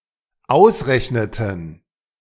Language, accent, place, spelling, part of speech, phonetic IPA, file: German, Germany, Berlin, ausrechneten, verb, [ˈaʊ̯sˌʁɛçnətn̩], De-ausrechneten.ogg
- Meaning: inflection of ausrechnen: 1. first/third-person plural dependent preterite 2. first/third-person plural dependent subjunctive II